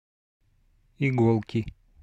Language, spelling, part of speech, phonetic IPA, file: Russian, иголки, noun, [ɪˈɡoɫkʲɪ], Ru-иголки.ogg
- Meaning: inflection of иго́лка (igólka): 1. genitive singular 2. nominative/accusative plural